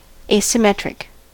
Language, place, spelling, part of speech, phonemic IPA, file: English, California, asymmetric, adjective, /ˌeɪ.səˈmɛt.ɹɪk/, En-us-asymmetric.ogg
- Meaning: 1. Not symmetric 2. Not involving a mutual exchange of keys between the sender and receiver